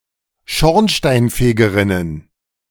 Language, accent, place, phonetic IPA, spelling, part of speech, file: German, Germany, Berlin, [ˈʃɔʁnʃtaɪ̯nˌfeːɡəʁɪnən], Schornsteinfegerinnen, noun, De-Schornsteinfegerinnen.ogg
- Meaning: plural of Schornsteinfegerin